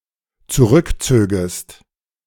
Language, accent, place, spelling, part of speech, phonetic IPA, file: German, Germany, Berlin, zurückzögest, verb, [t͡suˈʁʏkˌt͡søːɡəst], De-zurückzögest.ogg
- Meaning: second-person singular dependent subjunctive II of zurückziehen